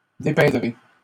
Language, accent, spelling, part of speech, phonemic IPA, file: French, Canada, dépeindrai, verb, /de.pɛ̃.dʁe/, LL-Q150 (fra)-dépeindrai.wav
- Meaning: first-person singular simple future of dépeindre